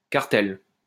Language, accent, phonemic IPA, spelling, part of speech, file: French, France, /kaʁ.tɛl/, cartel, noun, LL-Q150 (fra)-cartel.wav
- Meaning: 1. a cartel 2. a label posted with an artwork or other artifact in a museum, gallery, etc., listing its title, the artist, and other information